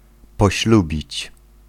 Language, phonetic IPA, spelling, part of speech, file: Polish, [pɔˈɕlubʲit͡ɕ], poślubić, verb, Pl-poślubić.ogg